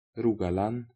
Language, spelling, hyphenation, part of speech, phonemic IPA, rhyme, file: Norwegian Bokmål, Rogaland, Ro‧ga‧land, proper noun, /ˈruː.ɡaˌlan/, -an, Rogaland.ogg
- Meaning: a county of Norway, in southwestern Norway, with administrative centre in Stavanger